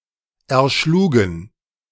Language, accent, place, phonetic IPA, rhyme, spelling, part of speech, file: German, Germany, Berlin, [ɛɐ̯ˈʃluːɡn̩], -uːɡn̩, erschlugen, verb, De-erschlugen.ogg
- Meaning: first/third-person plural preterite of erschlagen